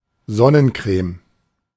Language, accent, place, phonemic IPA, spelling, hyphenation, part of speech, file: German, Germany, Berlin, /ˈzɔnənˌkʁeːm/, Sonnencreme, Son‧nen‧creme, noun, De-Sonnencreme.ogg
- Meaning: sunscreen